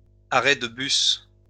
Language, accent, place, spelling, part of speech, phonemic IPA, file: French, France, Lyon, arrêt de bus, noun, /a.ʁɛ d(ə) bys/, LL-Q150 (fra)-arrêt de bus.wav
- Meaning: bus stop (a stop for public transport busses)